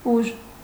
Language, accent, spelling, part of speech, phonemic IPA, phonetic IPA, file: Armenian, Eastern Armenian, ուժ, noun, /uʒ/, [uʒ], Hy-ուժ.ogg
- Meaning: 1. force 2. power, might 3. strength 4. fertility, fecundity 5. effort